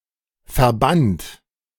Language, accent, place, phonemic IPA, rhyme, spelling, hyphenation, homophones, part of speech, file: German, Germany, Berlin, /fɛɐ̯ˈbant/, -ant, verband, ver‧band, Verband / verbannt, verb, De-verband.ogg
- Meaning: first/third-person singular preterite of verbinden